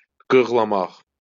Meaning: to defecate (of camels, sheep and goats)
- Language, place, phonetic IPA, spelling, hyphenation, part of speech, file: Azerbaijani, Baku, [ɡɯɣɫɑˈmɑχ], qığlamaq, qığ‧la‧maq, verb, LL-Q9292 (aze)-qığlamaq.wav